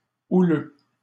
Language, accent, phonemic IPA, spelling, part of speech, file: French, Canada, /u.lø/, houleux, adjective, LL-Q150 (fra)-houleux.wav
- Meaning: 1. rough, stormy (of sea) 2. heated